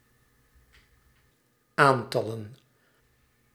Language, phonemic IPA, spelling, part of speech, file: Dutch, /ˈantɑlə(n)/, aantallen, noun, Nl-aantallen.ogg
- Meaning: plural of aantal